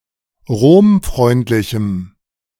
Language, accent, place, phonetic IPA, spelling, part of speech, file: German, Germany, Berlin, [ˈʁoːmˌfʁɔɪ̯ntlɪçm̩], romfreundlichem, adjective, De-romfreundlichem.ogg
- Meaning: strong dative masculine/neuter singular of romfreundlich